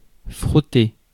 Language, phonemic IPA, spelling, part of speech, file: French, /fʁɔ.te/, frotter, verb, Fr-frotter.ogg
- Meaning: 1. to rub, chafe 2. to scrub, scour 3. to scrape 4. to stone 5. to rub (someone) in the wrong way, to get on (someone)'s bad side